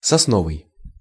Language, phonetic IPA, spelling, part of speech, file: Russian, [sɐsˈnovɨj], сосновый, adjective, Ru-сосновый.ogg
- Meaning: pine